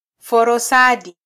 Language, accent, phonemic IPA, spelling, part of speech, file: Swahili, Kenya, /fɔ.ɾɔˈsɑ.ɗi/, forosadi, noun, Sw-ke-forosadi.flac
- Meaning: mulberry